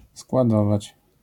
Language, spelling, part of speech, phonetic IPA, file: Polish, składować, verb, [skwaˈdɔvat͡ɕ], LL-Q809 (pol)-składować.wav